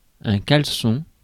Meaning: boxer shorts, boxer briefs
- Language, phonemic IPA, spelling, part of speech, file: French, /kal.sɔ̃/, caleçon, noun, Fr-caleçon.ogg